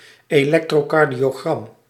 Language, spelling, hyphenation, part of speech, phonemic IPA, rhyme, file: Dutch, elektrocardiogram, elek‧tro‧car‧dio‧gram, noun, /eːˌlɛk.troːˌkɑr.di.oːˈɣrɑm/, -ɑm, Nl-elektrocardiogram.ogg
- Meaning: electrocardiogram, ECG